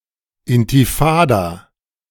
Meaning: intifada
- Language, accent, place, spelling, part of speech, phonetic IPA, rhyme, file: German, Germany, Berlin, Intifada, noun, [ˌɪntiˈfaːda], -aːda, De-Intifada.ogg